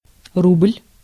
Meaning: ruble, rouble (a monetary unit of Russia and Belarus equal to 100 kopecks)
- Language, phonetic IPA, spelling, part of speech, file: Russian, [rublʲ], рубль, noun, Ru-рубль.ogg